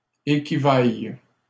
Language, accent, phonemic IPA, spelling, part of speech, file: French, Canada, /e.ki.vaj/, équivailles, verb, LL-Q150 (fra)-équivailles.wav
- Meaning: second-person singular present subjunctive of équivaloir